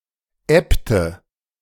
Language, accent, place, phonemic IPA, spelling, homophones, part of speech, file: German, Germany, Berlin, /ˈɛptə/, ebbte, Äbte, verb, De-ebbte.ogg
- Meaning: inflection of ebben: 1. first/third-person singular preterite 2. first/third-person singular subjunctive II